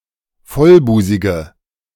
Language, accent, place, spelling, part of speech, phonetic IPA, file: German, Germany, Berlin, vollbusige, adjective, [ˈfɔlˌbuːzɪɡə], De-vollbusige.ogg
- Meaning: inflection of vollbusig: 1. strong/mixed nominative/accusative feminine singular 2. strong nominative/accusative plural 3. weak nominative all-gender singular